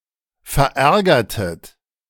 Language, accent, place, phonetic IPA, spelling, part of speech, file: German, Germany, Berlin, [fɛɐ̯ˈʔɛʁɡɐtət], verärgertet, verb, De-verärgertet.ogg
- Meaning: inflection of verärgern: 1. second-person plural preterite 2. second-person plural subjunctive II